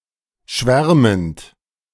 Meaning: present participle of schwärmen
- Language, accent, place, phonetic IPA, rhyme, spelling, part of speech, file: German, Germany, Berlin, [ˈʃvɛʁmənt], -ɛʁmənt, schwärmend, verb, De-schwärmend.ogg